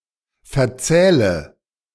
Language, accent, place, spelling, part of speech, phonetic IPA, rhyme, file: German, Germany, Berlin, verzähle, verb, [fɛɐ̯ˈt͡sɛːlə], -ɛːlə, De-verzähle.ogg
- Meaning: inflection of verzählen: 1. first-person singular present 2. first/third-person singular subjunctive I 3. singular imperative